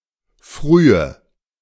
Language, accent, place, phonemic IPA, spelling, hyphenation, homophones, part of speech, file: German, Germany, Berlin, /ˈfryːə/, Frühe, Frü‧he, frühe, noun, De-Frühe.ogg
- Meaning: 1. morning 2. earliness, quality or state of being early